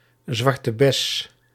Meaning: 1. a blackcurrant shrub (Ribes nigrum) 2. the berry of Ribes nigrum, a black currant 3. Used other than figuratively or idiomatically: see zwarte, bes
- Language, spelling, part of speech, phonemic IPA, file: Dutch, zwarte bes, noun, /ˌzʋɑr.tə ˈbɛs/, Nl-zwarte bes.ogg